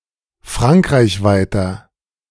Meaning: inflection of frankreichweit: 1. strong/mixed nominative masculine singular 2. strong genitive/dative feminine singular 3. strong genitive plural
- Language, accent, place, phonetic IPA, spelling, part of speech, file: German, Germany, Berlin, [ˈfʁaŋkʁaɪ̯çˌvaɪ̯tɐ], frankreichweiter, adjective, De-frankreichweiter.ogg